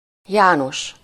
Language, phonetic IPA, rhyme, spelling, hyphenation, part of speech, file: Hungarian, [ˈjaːnoʃ], -oʃ, János, Já‧nos, proper noun, Hu-János.ogg
- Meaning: a male given name, equivalent to English John